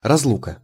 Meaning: 1. separation 2. parting, separation
- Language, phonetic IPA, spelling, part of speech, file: Russian, [rɐzˈɫukə], разлука, noun, Ru-разлука.ogg